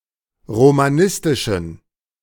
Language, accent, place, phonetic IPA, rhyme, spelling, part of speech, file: German, Germany, Berlin, [ʁomaˈnɪstɪʃn̩], -ɪstɪʃn̩, romanistischen, adjective, De-romanistischen.ogg
- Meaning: inflection of romanistisch: 1. strong genitive masculine/neuter singular 2. weak/mixed genitive/dative all-gender singular 3. strong/weak/mixed accusative masculine singular 4. strong dative plural